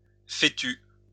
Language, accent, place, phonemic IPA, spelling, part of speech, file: French, France, Lyon, /fe.ty/, fétu, noun, LL-Q150 (fra)-fétu.wav
- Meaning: 1. straw (dried stalk of a cereal plant) 2. straw (something proverbially worthless)